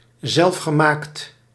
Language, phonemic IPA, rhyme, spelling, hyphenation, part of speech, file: Dutch, /ˌzɛlf.xəˈmaːkt/, -aːkt, zelfgemaakt, zelf‧ge‧maakt, adjective, Nl-zelfgemaakt.ogg
- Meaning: self-made